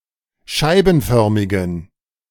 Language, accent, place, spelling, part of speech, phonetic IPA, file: German, Germany, Berlin, scheibenförmigen, adjective, [ˈʃaɪ̯bn̩ˌfœʁmɪɡn̩], De-scheibenförmigen.ogg
- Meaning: inflection of scheibenförmig: 1. strong genitive masculine/neuter singular 2. weak/mixed genitive/dative all-gender singular 3. strong/weak/mixed accusative masculine singular 4. strong dative plural